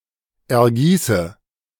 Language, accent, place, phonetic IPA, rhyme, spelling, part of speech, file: German, Germany, Berlin, [ɛɐ̯ˈɡiːsə], -iːsə, ergieße, verb, De-ergieße.ogg
- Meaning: inflection of ergießen: 1. first-person singular present 2. first/third-person singular subjunctive I 3. singular imperative